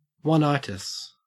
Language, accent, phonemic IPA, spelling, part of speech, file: English, Australia, /wʌnˈaɪtɪs/, oneitis, noun, En-au-oneitis.ogg
- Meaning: Attraction towards a single potential partner to the exclusion of other possible partners